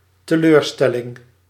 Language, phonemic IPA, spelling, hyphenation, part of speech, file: Dutch, /təˈløːrˌstɛ.lɪŋ/, teleurstelling, te‧leur‧stel‧ling, noun, Nl-teleurstelling.ogg
- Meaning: disappointment